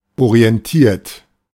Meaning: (verb) past participle of orientieren; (adjective) 1. news-oriented 2. message-oriented; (verb) inflection of orientieren: 1. third-person singular present 2. second-person plural present
- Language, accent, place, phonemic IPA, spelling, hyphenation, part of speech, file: German, Germany, Berlin, /oʁi̯ɛnˈtiːɐ̯t/, orientiert, ori‧en‧tiert, verb / adjective, De-orientiert.ogg